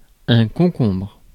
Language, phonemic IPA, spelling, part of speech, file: French, /kɔ̃.kɔ̃bʁ/, concombre, noun, Fr-concombre.ogg
- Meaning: 1. cucumber (plant) 2. cucumber (vegetable) 3. idiot, moron